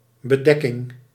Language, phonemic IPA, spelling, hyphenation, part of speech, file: Dutch, /bəˈdɛ.kɪŋ/, bedekking, be‧dek‧king, noun, Nl-bedekking.ogg
- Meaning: 1. cover, hood 2. synonym of occultatie (“occultation”)